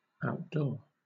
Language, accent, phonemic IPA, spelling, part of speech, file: English, Southern England, /aʊtˈdɔː/, outdoor, adjective / verb, LL-Q1860 (eng)-outdoor.wav
- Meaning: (adjective) 1. Situated in, designed to be used in, or carried on in the open air 2. Pertaining to charity administered or received away from, or independently from, a workhouse or other institution